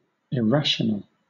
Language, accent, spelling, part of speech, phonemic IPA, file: English, Southern England, irrational, adjective / noun, /ɪˈɹæʃ.(ə.)nəl/, LL-Q1860 (eng)-irrational.wav
- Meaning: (adjective) 1. Not rational; unfounded, nonsensical or wrong-headed 2. Of a real number, that cannot be written as the ratio of two integers